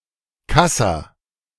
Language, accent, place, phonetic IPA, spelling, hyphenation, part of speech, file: German, Germany, Berlin, [ˈkasa], Kassa, Kas‧sa, noun, De-Kassa.ogg
- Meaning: cash desk